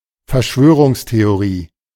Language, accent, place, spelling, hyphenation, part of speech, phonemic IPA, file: German, Germany, Berlin, Verschwörungstheorie, Ver‧schwö‧rungs‧the‧o‧rie, noun, /fɛɐ̯ˈʃvøː.ʁʊŋs.te.oˌʁiː/, De-Verschwörungstheorie.ogg
- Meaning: conspiracy theory